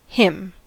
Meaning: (pronoun) A masculine pronoun; he as a grammatical object.: 1. With dative effect or as an indirect object 2. Following a preposition 3. With accusative effect or as a direct object
- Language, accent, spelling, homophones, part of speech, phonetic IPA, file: English, US, him, hymn, pronoun / noun, [ɪ̈m], En-us-him.ogg